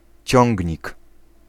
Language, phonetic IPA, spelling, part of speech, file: Polish, [ˈt͡ɕɔ̃ŋʲɟɲik], ciągnik, noun, Pl-ciągnik.ogg